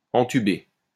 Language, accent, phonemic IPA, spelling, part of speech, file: French, France, /ɑ̃.ty.be/, entuber, verb, LL-Q150 (fra)-entuber.wav
- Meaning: to shaft, to fuck over, dupe, swindle, fool